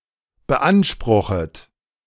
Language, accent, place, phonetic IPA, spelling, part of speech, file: German, Germany, Berlin, [bəˈʔanʃpʁʊxət], beanspruchet, verb, De-beanspruchet.ogg
- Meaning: second-person plural subjunctive I of beanspruchen